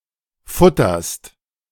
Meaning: second-person singular present of futtern
- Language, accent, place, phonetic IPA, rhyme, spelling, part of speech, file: German, Germany, Berlin, [ˈfʊtɐst], -ʊtɐst, futterst, verb, De-futterst.ogg